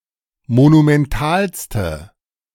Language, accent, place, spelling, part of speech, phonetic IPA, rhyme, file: German, Germany, Berlin, monumentalste, adjective, [monumɛnˈtaːlstə], -aːlstə, De-monumentalste.ogg
- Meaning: inflection of monumental: 1. strong/mixed nominative/accusative feminine singular superlative degree 2. strong nominative/accusative plural superlative degree